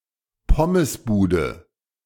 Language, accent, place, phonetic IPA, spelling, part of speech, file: German, Germany, Berlin, [ˈpʰɔməsˌbuːdə], Pommesbude, noun, De-Pommesbude.ogg
- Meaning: 1. chip shop, chippy 2. synonym of Bumsbude (“shitco”)